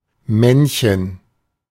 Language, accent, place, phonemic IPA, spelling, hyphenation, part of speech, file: German, Germany, Berlin, /ˈmɛnçən/, Männchen, Männ‧chen, noun, De-Männchen.ogg
- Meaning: 1. diminutive of Mann: a little or small man 2. a male animal or a male plant 3. a trick that dogs or other quadrupeds do, consisting of resting on their hind legs with an upright body (and begging)